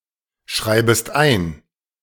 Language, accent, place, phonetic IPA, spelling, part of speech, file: German, Germany, Berlin, [ˌʃʁaɪ̯bəst ˈaɪ̯n], schreibest ein, verb, De-schreibest ein.ogg
- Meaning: second-person singular subjunctive I of einschreiben